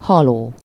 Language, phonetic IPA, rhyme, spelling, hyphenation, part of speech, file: Hungarian, [ˈhɒloː], -loː, haló, ha‧ló, verb / adjective, Hu-haló.ogg
- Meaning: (verb) present participle of hal; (adjective) dying